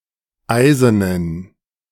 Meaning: inflection of eisen: 1. strong genitive masculine/neuter singular 2. weak/mixed genitive/dative all-gender singular 3. strong/weak/mixed accusative masculine singular 4. strong dative plural
- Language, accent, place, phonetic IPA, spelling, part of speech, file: German, Germany, Berlin, [ˈaɪ̯zənən], eisenen, adjective, De-eisenen.ogg